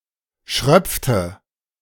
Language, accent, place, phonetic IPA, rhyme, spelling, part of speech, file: German, Germany, Berlin, [ˈʃʁœp͡ftə], -œp͡ftə, schröpfte, verb, De-schröpfte.ogg
- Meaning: inflection of schröpfen: 1. first/third-person singular preterite 2. first/third-person singular subjunctive II